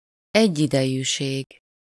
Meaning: simultaneity, simultaneousness, contemporaneity
- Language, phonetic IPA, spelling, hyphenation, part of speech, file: Hungarian, [ˈɛɟːidɛjyːʃeːɡ], egyidejűség, egy‧ide‧jű‧ség, noun, Hu-egyidejűség.ogg